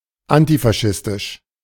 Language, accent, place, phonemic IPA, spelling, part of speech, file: German, Germany, Berlin, /antifaˈʃɪstɪʃ/, antifaschistisch, adjective, De-antifaschistisch.ogg
- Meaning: antifascist